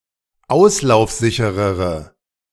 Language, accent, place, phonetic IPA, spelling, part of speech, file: German, Germany, Berlin, [ˈaʊ̯slaʊ̯fˌzɪçəʁəʁə], auslaufsicherere, adjective, De-auslaufsicherere.ogg
- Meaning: inflection of auslaufsicher: 1. strong/mixed nominative/accusative feminine singular comparative degree 2. strong nominative/accusative plural comparative degree